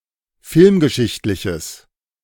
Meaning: strong/mixed nominative/accusative neuter singular of filmgeschichtlich
- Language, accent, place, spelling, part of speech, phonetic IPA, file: German, Germany, Berlin, filmgeschichtliches, adjective, [ˈfɪlmɡəˌʃɪçtlɪçəs], De-filmgeschichtliches.ogg